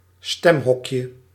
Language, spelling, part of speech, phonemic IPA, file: Dutch, stemhokje, noun, /ˈstɛmɦɔkʲə/, Nl-stemhokje.ogg
- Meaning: diminutive of stemhok